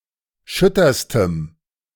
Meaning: strong dative masculine/neuter singular superlative degree of schütter
- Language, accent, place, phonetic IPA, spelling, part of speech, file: German, Germany, Berlin, [ˈʃʏtɐstəm], schütterstem, adjective, De-schütterstem.ogg